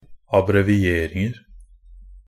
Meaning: indefinite plural of abbreviering
- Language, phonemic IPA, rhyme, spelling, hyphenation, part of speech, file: Norwegian Bokmål, /ˈabrɛʋɪˈeːrɪŋər/, -ər, abbrevieringer, ab‧bre‧vi‧er‧ing‧er, noun, NB - Pronunciation of Norwegian Bokmål «abbrevieringer».ogg